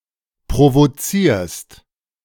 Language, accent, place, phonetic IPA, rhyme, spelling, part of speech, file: German, Germany, Berlin, [pʁovoˈt͡siːɐ̯st], -iːɐ̯st, provozierst, verb, De-provozierst.ogg
- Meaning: second-person singular present of provozieren